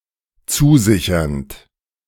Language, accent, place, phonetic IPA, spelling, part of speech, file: German, Germany, Berlin, [ˈt͡suːˌzɪçɐnt], zusichernd, verb, De-zusichernd.ogg
- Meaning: present participle of zusichern